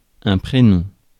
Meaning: first name, given name
- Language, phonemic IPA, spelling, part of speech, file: French, /pʁe.nɔ̃/, prénom, noun, Fr-prénom.ogg